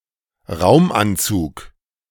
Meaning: space suit
- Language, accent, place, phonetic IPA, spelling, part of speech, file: German, Germany, Berlin, [ˈʁaʊ̯mʔanˌt͡suːk], Raumanzug, noun, De-Raumanzug.ogg